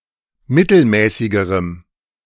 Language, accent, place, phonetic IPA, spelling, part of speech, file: German, Germany, Berlin, [ˈmɪtl̩ˌmɛːsɪɡəʁəm], mittelmäßigerem, adjective, De-mittelmäßigerem.ogg
- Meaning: strong dative masculine/neuter singular comparative degree of mittelmäßig